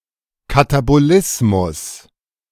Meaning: catabolism
- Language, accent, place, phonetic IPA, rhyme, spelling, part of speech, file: German, Germany, Berlin, [kataboˈlɪsmʊs], -ɪsmʊs, Katabolismus, noun, De-Katabolismus.ogg